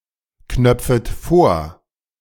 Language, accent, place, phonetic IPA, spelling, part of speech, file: German, Germany, Berlin, [ˌknœp͡fət ˈfoːɐ̯], knöpfet vor, verb, De-knöpfet vor.ogg
- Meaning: second-person plural subjunctive I of vorknöpfen